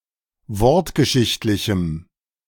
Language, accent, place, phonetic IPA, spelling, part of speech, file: German, Germany, Berlin, [ˈvɔʁtɡəˌʃɪçtlɪçm̩], wortgeschichtlichem, adjective, De-wortgeschichtlichem.ogg
- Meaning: strong dative masculine/neuter singular of wortgeschichtlich